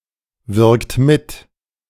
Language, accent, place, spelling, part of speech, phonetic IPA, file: German, Germany, Berlin, wirkt mit, verb, [ˌvɪʁkt ˈmɪt], De-wirkt mit.ogg
- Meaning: inflection of mitwirken: 1. third-person singular present 2. second-person plural present 3. plural imperative